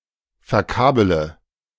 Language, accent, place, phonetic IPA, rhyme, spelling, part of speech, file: German, Germany, Berlin, [fɛɐ̯ˈkaːbələ], -aːbələ, verkabele, verb, De-verkabele.ogg
- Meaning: inflection of verkabeln: 1. first-person singular present 2. first-person plural subjunctive I 3. third-person singular subjunctive I 4. singular imperative